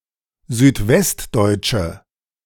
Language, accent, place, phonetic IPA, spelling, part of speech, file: German, Germany, Berlin, [zyːtˈvɛstˌdɔɪ̯t͡ʃə], südwestdeutsche, adjective, De-südwestdeutsche.ogg
- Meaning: inflection of südwestdeutsch: 1. strong/mixed nominative/accusative feminine singular 2. strong nominative/accusative plural 3. weak nominative all-gender singular